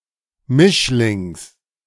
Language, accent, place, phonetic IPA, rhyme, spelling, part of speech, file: German, Germany, Berlin, [ˈmɪʃlɪŋs], -ɪʃlɪŋs, Mischlings, noun, De-Mischlings.ogg
- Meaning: genitive singular of Mischling